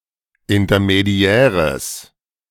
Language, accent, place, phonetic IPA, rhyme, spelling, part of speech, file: German, Germany, Berlin, [ɪntɐmeˈdi̯ɛːʁəs], -ɛːʁəs, intermediäres, adjective, De-intermediäres.ogg
- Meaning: strong/mixed nominative/accusative neuter singular of intermediär